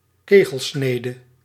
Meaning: conic section
- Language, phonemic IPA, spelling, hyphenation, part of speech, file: Dutch, /ˈkeː.ɣəlˌsneː.də/, kegelsnede, ke‧gel‧sne‧de, noun, Nl-kegelsnede.ogg